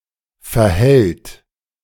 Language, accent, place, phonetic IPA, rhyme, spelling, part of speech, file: German, Germany, Berlin, [fɛɐ̯ˈhɛlt], -ɛlt, verhält, verb, De-verhält.ogg
- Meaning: third-person singular present active of verhalten he/she/it behaves